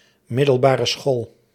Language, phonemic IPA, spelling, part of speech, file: Dutch, /ˌmɪ.dəl.baː.rə ˈsxoːl/, middelbare school, noun, Nl-middelbare school.ogg
- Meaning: high school, secondary school